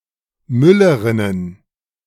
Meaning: plural of Müllerin
- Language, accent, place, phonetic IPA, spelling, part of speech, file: German, Germany, Berlin, [ˈmʏləʁɪnən], Müllerinnen, noun, De-Müllerinnen.ogg